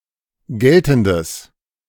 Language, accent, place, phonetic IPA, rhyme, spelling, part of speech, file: German, Germany, Berlin, [ˈɡɛltn̩dəs], -ɛltn̩dəs, geltendes, adjective, De-geltendes.ogg
- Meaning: strong/mixed nominative/accusative neuter singular of geltend